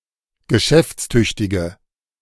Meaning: inflection of geschäftstüchtig: 1. strong/mixed nominative/accusative feminine singular 2. strong nominative/accusative plural 3. weak nominative all-gender singular
- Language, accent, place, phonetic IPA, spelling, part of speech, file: German, Germany, Berlin, [ɡəˈʃɛft͡sˌtʏçtɪɡə], geschäftstüchtige, adjective, De-geschäftstüchtige.ogg